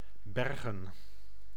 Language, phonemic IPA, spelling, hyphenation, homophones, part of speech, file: Dutch, /ˈbɛrɣə(n)/, bergen, ber‧gen, Bergen, verb / noun, Nl-bergen.ogg
- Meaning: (verb) 1. to store, to stash away 2. to salvage (a vessel); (noun) plural of berg